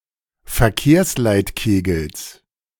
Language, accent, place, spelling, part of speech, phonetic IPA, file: German, Germany, Berlin, Verkehrsleitkegels, noun, [fɛɐ̯ˈkeːɐ̯slaɪ̯tˌkeːɡl̩s], De-Verkehrsleitkegels.ogg
- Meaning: genitive singular of Verkehrsleitkegel